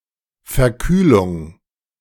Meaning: cold (illness)
- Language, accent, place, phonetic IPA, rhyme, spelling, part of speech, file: German, Germany, Berlin, [fɛɐ̯ˈkyːlʊŋ], -yːlʊŋ, Verkühlung, noun, De-Verkühlung.ogg